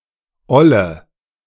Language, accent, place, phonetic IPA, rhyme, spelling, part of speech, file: German, Germany, Berlin, [ˈɔlə], -ɔlə, olle, adjective, De-olle.ogg
- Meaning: inflection of oll: 1. strong/mixed nominative/accusative feminine singular 2. strong nominative/accusative plural 3. weak nominative all-gender singular 4. weak accusative feminine/neuter singular